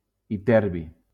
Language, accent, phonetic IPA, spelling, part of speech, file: Catalan, Valencia, [iˈtɛɾ.bi], iterbi, noun, LL-Q7026 (cat)-iterbi.wav
- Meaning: ytterbium